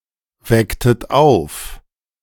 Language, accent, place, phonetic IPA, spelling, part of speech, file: German, Germany, Berlin, [ˌvɛktət ˈaʊ̯f], wecktet auf, verb, De-wecktet auf.ogg
- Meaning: inflection of aufwecken: 1. second-person plural preterite 2. second-person plural subjunctive II